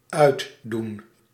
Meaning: 1. to take off (clothes) 2. to turn off (a switch)
- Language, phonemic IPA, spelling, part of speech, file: Dutch, /ˈœy̯dun/, uitdoen, verb, Nl-uitdoen.ogg